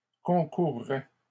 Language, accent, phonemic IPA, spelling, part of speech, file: French, Canada, /kɔ̃.kuʁ.ʁɛ/, concourrais, verb, LL-Q150 (fra)-concourrais.wav
- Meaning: first/second-person singular conditional of concourir